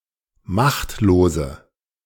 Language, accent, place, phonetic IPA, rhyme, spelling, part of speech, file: German, Germany, Berlin, [ˈmaxtloːzə], -axtloːzə, machtlose, adjective, De-machtlose.ogg
- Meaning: inflection of machtlos: 1. strong/mixed nominative/accusative feminine singular 2. strong nominative/accusative plural 3. weak nominative all-gender singular